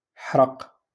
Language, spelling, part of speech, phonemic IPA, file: Moroccan Arabic, حرق, verb, /ħraq/, LL-Q56426 (ary)-حرق.wav
- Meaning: 1. to burn 2. to spoil (reveal the ending)